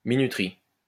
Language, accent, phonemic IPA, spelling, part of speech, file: French, France, /mi.ny.tʁi/, minuterie, noun, LL-Q150 (fra)-minuterie.wav
- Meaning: time switch, timer